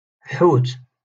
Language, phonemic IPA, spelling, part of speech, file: Moroccan Arabic, /ħuːt/, حوت, noun, LL-Q56426 (ary)-حوت.wav
- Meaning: fish